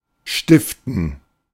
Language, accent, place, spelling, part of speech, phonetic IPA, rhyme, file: German, Germany, Berlin, stiften, verb, [ˈʃtɪftn̩], -ɪftn̩, De-stiften.ogg
- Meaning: 1. to found, to create (an organization or award, especially with a focus on financing) 2. to sponsor, to fund (the construction or creation of something)